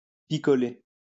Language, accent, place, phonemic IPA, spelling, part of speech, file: French, France, Lyon, /pi.kɔ.le/, picoler, verb, LL-Q150 (fra)-picoler.wav
- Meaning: to drink, tipple